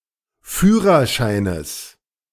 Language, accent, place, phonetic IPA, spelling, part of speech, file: German, Germany, Berlin, [ˈfyːʁɐˌʃaɪ̯nəs], Führerscheines, noun, De-Führerscheines.ogg
- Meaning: genitive singular of Führerschein